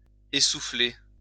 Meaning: 1. to knock the wind out of, leave breathless 2. to become breathless 3. to run out of steam, to tail off
- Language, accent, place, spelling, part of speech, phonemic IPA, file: French, France, Lyon, essouffler, verb, /e.su.fle/, LL-Q150 (fra)-essouffler.wav